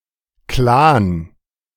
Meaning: alternative spelling of Clan
- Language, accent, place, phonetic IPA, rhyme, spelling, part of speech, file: German, Germany, Berlin, [klaːn], -aːn, Klan, noun, De-Klan.ogg